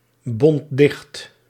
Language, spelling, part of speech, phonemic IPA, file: Dutch, bond dicht, verb, /ˈbɔnt ˈdɪxt/, Nl-bond dicht.ogg
- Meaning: singular past indicative of dichtbinden